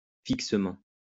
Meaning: fixedly
- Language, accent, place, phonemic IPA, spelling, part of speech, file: French, France, Lyon, /fik.sə.mɑ̃/, fixement, adverb, LL-Q150 (fra)-fixement.wav